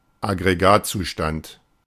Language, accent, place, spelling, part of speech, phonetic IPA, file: German, Germany, Berlin, Aggregatzustand, noun, [aɡʁeˈɡaːtt͡suˌʃtant], De-Aggregatzustand.ogg
- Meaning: state of matter